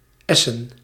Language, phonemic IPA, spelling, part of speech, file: Dutch, /ˈɛsə(n)/, essen, adjective / noun, Nl-essen.ogg
- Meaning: plural of es